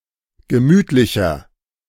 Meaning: 1. comparative degree of gemütlich 2. inflection of gemütlich: strong/mixed nominative masculine singular 3. inflection of gemütlich: strong genitive/dative feminine singular
- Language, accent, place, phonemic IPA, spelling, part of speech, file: German, Germany, Berlin, /ɡəˈmyːtlɪçɐ/, gemütlicher, adjective, De-gemütlicher.ogg